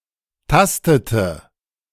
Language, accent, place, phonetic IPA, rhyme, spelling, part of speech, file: German, Germany, Berlin, [ˈtastətə], -astətə, tastete, verb, De-tastete.ogg
- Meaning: inflection of tasten: 1. first/third-person singular preterite 2. first/third-person singular subjunctive II